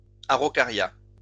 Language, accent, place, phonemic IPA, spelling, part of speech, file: French, France, Lyon, /a.ʁo.ka.ʁja/, araucaria, noun, LL-Q150 (fra)-araucaria.wav
- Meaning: monkey puzzle (tree of genus Araucaria)